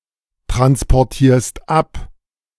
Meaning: second-person singular present of abtransportieren
- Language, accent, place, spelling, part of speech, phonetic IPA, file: German, Germany, Berlin, transportierst ab, verb, [tʁanspɔʁˌtiːɐ̯st ˈap], De-transportierst ab.ogg